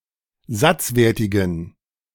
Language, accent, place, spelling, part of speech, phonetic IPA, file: German, Germany, Berlin, satzwertigen, adjective, [ˈzat͡sˌveːɐ̯tɪɡn̩], De-satzwertigen.ogg
- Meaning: inflection of satzwertig: 1. strong genitive masculine/neuter singular 2. weak/mixed genitive/dative all-gender singular 3. strong/weak/mixed accusative masculine singular 4. strong dative plural